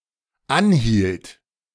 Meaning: first/third-person singular dependent preterite of anhalten
- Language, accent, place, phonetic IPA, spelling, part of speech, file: German, Germany, Berlin, [ˈanˌhiːlt], anhielt, verb, De-anhielt.ogg